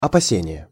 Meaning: fear, anxiety, apprehension, alarm
- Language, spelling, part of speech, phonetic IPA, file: Russian, опасение, noun, [ɐpɐˈsʲenʲɪje], Ru-опасение.ogg